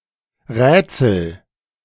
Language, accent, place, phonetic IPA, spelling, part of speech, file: German, Germany, Berlin, [ˈʁɛːt͡sl̩], rätsel, verb, De-rätsel.ogg
- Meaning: inflection of rätseln: 1. first-person singular present 2. singular imperative